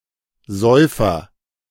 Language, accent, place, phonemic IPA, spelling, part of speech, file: German, Germany, Berlin, /ˈzɔʏ̯fɐ/, Säufer, noun, De-Säufer.ogg
- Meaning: heavy drinker, boozer, alcoholic